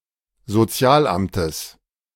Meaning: genitive singular of Sozialamt
- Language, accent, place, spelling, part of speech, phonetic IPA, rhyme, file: German, Germany, Berlin, Sozialamtes, noun, [zoˈt͡si̯aːlˌʔamtəs], -aːlʔamtəs, De-Sozialamtes.ogg